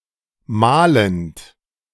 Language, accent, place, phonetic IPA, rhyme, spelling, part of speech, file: German, Germany, Berlin, [ˈmaːlənt], -aːlənt, malend, verb, De-malend.ogg
- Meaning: present participle of malen